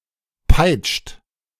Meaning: inflection of peitschen: 1. second-person plural present 2. third-person singular present 3. plural imperative
- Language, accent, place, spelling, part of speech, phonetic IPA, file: German, Germany, Berlin, peitscht, verb, [paɪ̯t͡ʃt], De-peitscht.ogg